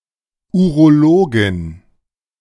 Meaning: female equivalent of Urologe (“urologist”)
- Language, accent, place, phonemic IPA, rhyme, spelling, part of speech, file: German, Germany, Berlin, /ˌuʁoˈloːɡɪn/, -oːɡɪn, Urologin, noun, De-Urologin.ogg